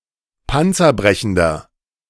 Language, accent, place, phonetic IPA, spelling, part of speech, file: German, Germany, Berlin, [ˈpant͡sɐˌbʁɛçn̩dɐ], panzerbrechender, adjective, De-panzerbrechender.ogg
- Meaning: inflection of panzerbrechend: 1. strong/mixed nominative masculine singular 2. strong genitive/dative feminine singular 3. strong genitive plural